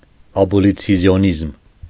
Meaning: abolitionism
- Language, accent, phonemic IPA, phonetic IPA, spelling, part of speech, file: Armenian, Eastern Armenian, /ɑbolit͡sʰjoˈnizm/, [ɑbolit͡sʰjonízm], աբոլիցիոնիզմ, noun, Hy-աբոլիցիոնիզմ.ogg